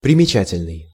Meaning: notable, noteworthy, remarkable
- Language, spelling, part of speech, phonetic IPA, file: Russian, примечательный, adjective, [prʲɪmʲɪˈt͡ɕætʲɪlʲnɨj], Ru-примечательный.ogg